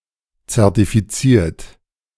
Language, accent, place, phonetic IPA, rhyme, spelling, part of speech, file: German, Germany, Berlin, [t͡sɛʁtifiˈt͡siːɐ̯t], -iːɐ̯t, zertifiziert, verb, De-zertifiziert.ogg
- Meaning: 1. past participle of zertifizieren 2. inflection of zertifizieren: third-person singular present 3. inflection of zertifizieren: second-person plural present